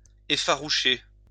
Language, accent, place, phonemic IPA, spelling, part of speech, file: French, France, Lyon, /e.fa.ʁu.ʃe/, effaroucher, verb, LL-Q150 (fra)-effaroucher.wav
- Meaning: 1. to scare off, frighten away (an animal) 2. to frighten, alarm (someone) 3. to shock